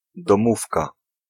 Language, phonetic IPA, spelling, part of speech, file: Polish, [dɔ̃ˈmufka], domówka, noun, Pl-domówka.ogg